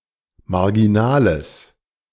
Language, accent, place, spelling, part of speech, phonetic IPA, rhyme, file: German, Germany, Berlin, marginales, adjective, [maʁɡiˈnaːləs], -aːləs, De-marginales.ogg
- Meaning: strong/mixed nominative/accusative neuter singular of marginal